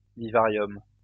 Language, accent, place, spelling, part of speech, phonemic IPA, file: French, France, Lyon, vivarium, noun, /vi.va.ʁjɔm/, LL-Q150 (fra)-vivarium.wav
- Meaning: vivarium